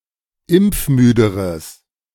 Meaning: strong/mixed nominative/accusative neuter singular comparative degree of impfmüde
- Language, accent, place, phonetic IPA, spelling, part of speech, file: German, Germany, Berlin, [ˈɪmp͡fˌmyːdəʁəs], impfmüderes, adjective, De-impfmüderes.ogg